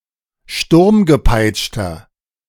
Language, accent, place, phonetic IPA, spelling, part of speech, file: German, Germany, Berlin, [ˈʃtʊʁmɡəˌpaɪ̯t͡ʃtɐ], sturmgepeitschter, adjective, De-sturmgepeitschter.ogg
- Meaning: inflection of sturmgepeitscht: 1. strong/mixed nominative masculine singular 2. strong genitive/dative feminine singular 3. strong genitive plural